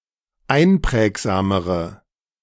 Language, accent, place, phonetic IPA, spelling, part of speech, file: German, Germany, Berlin, [ˈaɪ̯nˌpʁɛːkzaːməʁə], einprägsamere, adjective, De-einprägsamere.ogg
- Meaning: inflection of einprägsam: 1. strong/mixed nominative/accusative feminine singular comparative degree 2. strong nominative/accusative plural comparative degree